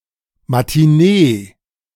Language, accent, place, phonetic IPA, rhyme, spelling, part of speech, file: German, Germany, Berlin, [matiˈneː], -eː, Matinée, noun, De-Matinée.ogg
- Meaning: alternative spelling of Matinee